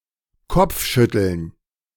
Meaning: headshaking
- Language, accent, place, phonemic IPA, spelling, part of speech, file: German, Germany, Berlin, /ˈkɔpfʃʏtl̩n/, Kopfschütteln, noun, De-Kopfschütteln.ogg